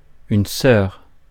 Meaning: nonstandard spelling of sœur
- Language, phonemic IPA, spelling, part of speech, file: French, /sœʁ/, soeur, noun, Fr-soeur.ogg